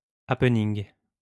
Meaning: happening
- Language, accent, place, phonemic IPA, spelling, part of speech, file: French, France, Lyon, /ap.niŋ/, happening, noun, LL-Q150 (fra)-happening.wav